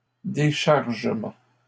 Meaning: unloading
- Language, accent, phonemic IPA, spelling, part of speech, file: French, Canada, /de.ʃaʁ.ʒə.mɑ̃/, déchargement, noun, LL-Q150 (fra)-déchargement.wav